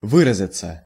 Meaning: 1. to express oneself 2. to manifest oneself 3. to swear, to use bad / strong language 4. passive of вы́разить (výrazitʹ)
- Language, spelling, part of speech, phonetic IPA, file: Russian, выразиться, verb, [ˈvɨrəzʲɪt͡sə], Ru-выразиться.ogg